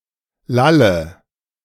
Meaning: inflection of lallen: 1. first-person singular present 2. first/third-person singular subjunctive I 3. singular imperative
- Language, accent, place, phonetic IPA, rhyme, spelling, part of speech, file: German, Germany, Berlin, [ˈlalə], -alə, lalle, verb, De-lalle.ogg